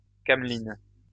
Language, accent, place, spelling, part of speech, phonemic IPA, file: French, France, Lyon, cameline, noun, /kam.lin/, LL-Q150 (fra)-cameline.wav
- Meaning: camelina (plant)